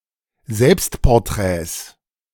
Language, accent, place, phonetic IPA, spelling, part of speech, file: German, Germany, Berlin, [ˈzɛlpstpɔʁˌtʁɛːs], Selbstporträts, noun, De-Selbstporträts.ogg
- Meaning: 1. plural of Selbstporträt 2. genitive singular of Selbstporträt